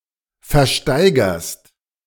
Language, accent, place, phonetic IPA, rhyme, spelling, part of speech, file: German, Germany, Berlin, [fɛɐ̯ˈʃtaɪ̯ɡɐst], -aɪ̯ɡɐst, versteigerst, verb, De-versteigerst.ogg
- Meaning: second-person singular present of versteigern